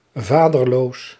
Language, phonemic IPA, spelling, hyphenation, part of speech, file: Dutch, /ˈvaː.dərˌloːs/, vaderloos, va‧der‧loos, adjective, Nl-vaderloos.ogg
- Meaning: fatherless, without a father